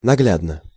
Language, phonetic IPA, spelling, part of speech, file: Russian, [nɐˈɡlʲadnə], наглядно, adverb / adjective, Ru-наглядно.ogg
- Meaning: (adverb) by visual demonstration, visually, graphically, clearly; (adjective) short neuter singular of нагля́дный (nagljádnyj)